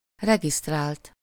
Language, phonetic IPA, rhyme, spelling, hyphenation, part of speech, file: Hungarian, [ˈrɛɡistraːlt], -aːlt, regisztrált, re‧giszt‧rált, verb / adjective, Hu-regisztrált.ogg
- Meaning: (verb) 1. third-person singular indicative past indefinite of regisztrál 2. past participle of regisztrál